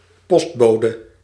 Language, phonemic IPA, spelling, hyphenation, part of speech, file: Dutch, /ˈpɔstˌboː.də/, postbode, post‧bo‧de, noun, Nl-postbode.ogg
- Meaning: postperson, mailperson (a person who delivers the mail), letter carrier